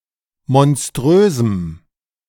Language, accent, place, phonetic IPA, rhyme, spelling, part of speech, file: German, Germany, Berlin, [mɔnˈstʁøːzm̩], -øːzm̩, monströsem, adjective, De-monströsem.ogg
- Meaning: strong dative masculine/neuter singular of monströs